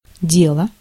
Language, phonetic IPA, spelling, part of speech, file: Russian, [ˈdʲeɫə], дело, noun / verb, Ru-дело.ogg
- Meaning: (noun) 1. affair, matter, concern 2. work, business 3. art, science 4. deed, act, action 5. case, investigation 6. file, dossier 7. cause 8. in expressions